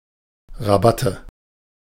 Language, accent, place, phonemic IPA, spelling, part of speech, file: German, Germany, Berlin, /ʁaˈbatə/, Rabatte, noun, De-Rabatte.ogg
- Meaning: 1. border (ornamental bed, typically made from flowers) 2. nominative/accusative/genitive plural of Rabatt